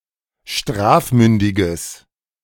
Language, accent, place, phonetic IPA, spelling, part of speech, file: German, Germany, Berlin, [ˈʃtʁaːfˌmʏndɪɡəs], strafmündiges, adjective, De-strafmündiges.ogg
- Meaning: strong/mixed nominative/accusative neuter singular of strafmündig